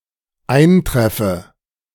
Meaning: inflection of eintreffen: 1. first-person singular dependent present 2. first/third-person singular dependent subjunctive I
- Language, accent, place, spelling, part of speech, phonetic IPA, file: German, Germany, Berlin, eintreffe, verb, [ˈaɪ̯nˌtʁɛfə], De-eintreffe.ogg